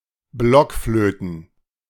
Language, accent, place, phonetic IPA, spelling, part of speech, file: German, Germany, Berlin, [ˈblɔkfløːtn̩], Blockflöten, noun, De-Blockflöten.ogg
- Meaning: plural of Blockflöte